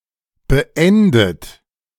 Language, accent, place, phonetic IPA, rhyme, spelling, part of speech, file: German, Germany, Berlin, [bəˈʔɛndət], -ɛndət, beendet, adjective / verb, De-beendet.ogg
- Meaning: past participle of beenden